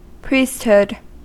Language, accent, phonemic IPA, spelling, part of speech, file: English, US, /ˈpɹiːstˌhʊd/, priesthood, noun, En-us-priesthood.ogg
- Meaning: 1. The role or office of a priest 2. Priests as a group 3. Authority to act in the name of God or the divine in general